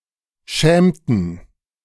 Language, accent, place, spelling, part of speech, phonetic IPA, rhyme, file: German, Germany, Berlin, schämten, verb, [ˈʃɛːmtn̩], -ɛːmtn̩, De-schämten.ogg
- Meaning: inflection of schämen: 1. first/third-person plural preterite 2. first/third-person plural subjunctive II